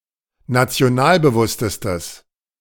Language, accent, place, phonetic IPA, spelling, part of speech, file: German, Germany, Berlin, [nat͡si̯oˈnaːlbəˌvʊstəstəs], nationalbewusstestes, adjective, De-nationalbewusstestes.ogg
- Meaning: strong/mixed nominative/accusative neuter singular superlative degree of nationalbewusst